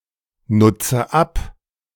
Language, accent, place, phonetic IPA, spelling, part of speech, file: German, Germany, Berlin, [ˌnʊt͡sə ˈap], nutze ab, verb, De-nutze ab.ogg
- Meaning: inflection of abnutzen: 1. first-person singular present 2. first/third-person singular subjunctive I 3. singular imperative